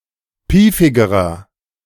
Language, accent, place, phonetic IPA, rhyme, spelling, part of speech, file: German, Germany, Berlin, [ˈpiːfɪɡəʁɐ], -iːfɪɡəʁɐ, piefigerer, adjective, De-piefigerer.ogg
- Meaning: inflection of piefig: 1. strong/mixed nominative masculine singular comparative degree 2. strong genitive/dative feminine singular comparative degree 3. strong genitive plural comparative degree